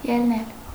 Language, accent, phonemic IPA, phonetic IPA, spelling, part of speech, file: Armenian, Eastern Armenian, /jelˈnel/, [jelnél], ելնել, verb, Hy-ելնել.ogg
- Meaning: 1. to go out (of); to leave; to exit 2. to mount, ascend, climb 3. to rise, get up, stand up 4. to rise (against); to rise in rebellion 5. to proceed (from), base oneself (on)